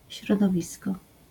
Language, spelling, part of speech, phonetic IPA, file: Polish, środowisko, noun, [ˌɕrɔdɔˈvʲiskɔ], LL-Q809 (pol)-środowisko.wav